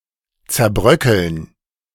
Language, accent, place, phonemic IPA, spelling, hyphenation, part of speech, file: German, Germany, Berlin, /t͡sɛɐ̯ˈbʁœkl̩n/, zerbröckeln, zer‧brö‧ckeln, verb, De-zerbröckeln.ogg
- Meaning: to crumble (into pieces)